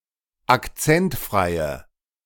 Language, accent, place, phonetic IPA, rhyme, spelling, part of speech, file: German, Germany, Berlin, [akˈt͡sɛntˌfʁaɪ̯ə], -ɛntfʁaɪ̯ə, akzentfreie, adjective, De-akzentfreie.ogg
- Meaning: inflection of akzentfrei: 1. strong/mixed nominative/accusative feminine singular 2. strong nominative/accusative plural 3. weak nominative all-gender singular